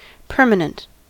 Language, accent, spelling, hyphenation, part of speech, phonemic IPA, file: English, US, permanent, per‧ma‧nent, adjective / noun / verb, /ˈpɝ.mə.nənt/, En-us-permanent.ogg
- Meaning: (adjective) 1. Without end, eternal 2. Lasting for an indefinitely long time